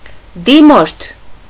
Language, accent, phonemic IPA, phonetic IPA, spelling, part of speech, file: Armenian, Eastern Armenian, /diˈmoɾtʰ/, [dimóɾtʰ], դիմորդ, noun, Hy-դիմորդ.ogg
- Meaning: applicant, petitioner, requester